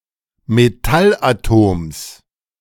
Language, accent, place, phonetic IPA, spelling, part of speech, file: German, Germany, Berlin, [meˈtalʔaˌtoːms], Metallatoms, noun, De-Metallatoms.ogg
- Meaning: genitive singular of Metallatom